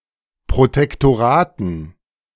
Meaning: dative plural of Protektorat
- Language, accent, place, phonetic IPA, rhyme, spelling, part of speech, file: German, Germany, Berlin, [pʁotɛktoˈʁaːtn̩], -aːtn̩, Protektoraten, noun, De-Protektoraten.ogg